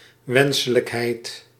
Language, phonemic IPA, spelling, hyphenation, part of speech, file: Dutch, /ˈwɛnsələkˌhɛit/, wenselijkheid, wen‧se‧lijk‧heid, noun, Nl-wenselijkheid.ogg
- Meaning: desirability